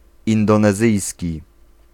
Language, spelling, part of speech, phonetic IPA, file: Polish, indonezyjski, adjective / noun, [ˌĩndɔ̃nɛˈzɨjsʲci], Pl-indonezyjski.ogg